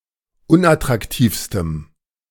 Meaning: strong dative masculine/neuter singular superlative degree of unattraktiv
- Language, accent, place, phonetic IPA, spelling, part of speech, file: German, Germany, Berlin, [ˈʊnʔatʁakˌtiːfstəm], unattraktivstem, adjective, De-unattraktivstem.ogg